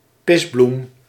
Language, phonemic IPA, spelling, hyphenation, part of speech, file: Dutch, /ˈpɪs.blum/, pisbloem, pis‧bloem, noun, Nl-pisbloem.ogg
- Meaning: synonym of paardenbloem (“dandelion”)